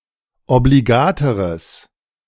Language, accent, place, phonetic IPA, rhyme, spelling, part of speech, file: German, Germany, Berlin, [obliˈɡaːtəʁəs], -aːtəʁəs, obligateres, adjective, De-obligateres.ogg
- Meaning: strong/mixed nominative/accusative neuter singular comparative degree of obligat